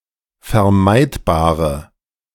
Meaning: inflection of vermeidbar: 1. strong/mixed nominative/accusative feminine singular 2. strong nominative/accusative plural 3. weak nominative all-gender singular
- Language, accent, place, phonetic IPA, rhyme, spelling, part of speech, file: German, Germany, Berlin, [fɛɐ̯ˈmaɪ̯tbaːʁə], -aɪ̯tbaːʁə, vermeidbare, adjective, De-vermeidbare.ogg